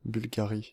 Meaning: Bulgaria (a country in Southeastern Europe)
- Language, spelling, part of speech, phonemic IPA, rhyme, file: French, Bulgarie, proper noun, /byl.ɡa.ʁi/, -i, Fr-Bulgarie.ogg